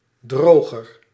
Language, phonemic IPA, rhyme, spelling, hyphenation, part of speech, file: Dutch, /ˈdroː.ɣər/, -oːɣər, droger, dro‧ger, noun / adjective, Nl-droger.ogg
- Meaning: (noun) dryer (appliance); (adjective) comparative degree of droog